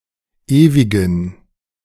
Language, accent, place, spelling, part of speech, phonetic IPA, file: German, Germany, Berlin, ewigen, adjective, [ˈeːvɪɡn̩], De-ewigen.ogg
- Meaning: inflection of ewig: 1. strong genitive masculine/neuter singular 2. weak/mixed genitive/dative all-gender singular 3. strong/weak/mixed accusative masculine singular 4. strong dative plural